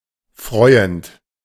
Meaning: present participle of freuen
- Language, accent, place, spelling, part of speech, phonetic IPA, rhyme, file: German, Germany, Berlin, freuend, verb, [ˈfʁɔɪ̯ənt], -ɔɪ̯ənt, De-freuend.ogg